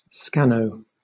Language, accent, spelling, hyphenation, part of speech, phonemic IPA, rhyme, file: English, Southern England, scanno, scan‧no, noun, /ˈskænəʊ/, -ænəʊ, LL-Q1860 (eng)-scanno.wav
- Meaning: A typographical error caused by optical character recognition (OCR) software, which may mistake a letter or set of letters for a letter or set of letters of similar shape